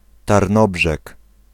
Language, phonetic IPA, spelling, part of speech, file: Polish, [tarˈnɔbʒɛk], Tarnobrzeg, proper noun, Pl-Tarnobrzeg.ogg